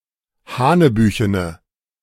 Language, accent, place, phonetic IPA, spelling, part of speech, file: German, Germany, Berlin, [ˈhaːnəˌbyːçənə], hanebüchene, adjective, De-hanebüchene.ogg
- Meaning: inflection of hanebüchen: 1. strong/mixed nominative/accusative feminine singular 2. strong nominative/accusative plural 3. weak nominative all-gender singular